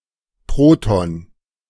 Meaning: proton
- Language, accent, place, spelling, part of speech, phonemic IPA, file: German, Germany, Berlin, Proton, noun, /ˈpʁoːtɔn/, De-Proton.ogg